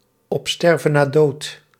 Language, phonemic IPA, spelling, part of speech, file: Dutch, /ɔpˈstɛrvənaˌdot/, op sterven na dood, adjective, Nl-op sterven na dood.ogg
- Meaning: on one's last legs, moribund, almost obsolete